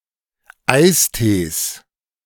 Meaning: 1. genitive singular of Eistee 2. plural of Eistee
- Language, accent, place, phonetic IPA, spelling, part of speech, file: German, Germany, Berlin, [ˈaɪ̯sˌteːs], Eistees, noun, De-Eistees.ogg